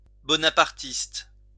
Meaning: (adjective) Bonapartist
- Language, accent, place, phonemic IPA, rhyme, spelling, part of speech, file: French, France, Lyon, /bɔ.na.paʁ.tist/, -ist, bonapartiste, adjective / noun, LL-Q150 (fra)-bonapartiste.wav